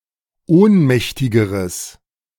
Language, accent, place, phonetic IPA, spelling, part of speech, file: German, Germany, Berlin, [ˈoːnˌmɛçtɪɡəʁəs], ohnmächtigeres, adjective, De-ohnmächtigeres.ogg
- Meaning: strong/mixed nominative/accusative neuter singular comparative degree of ohnmächtig